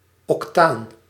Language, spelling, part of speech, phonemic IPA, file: Dutch, octaan, noun, /ɔkˈtaːn/, Nl-octaan.ogg
- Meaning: octane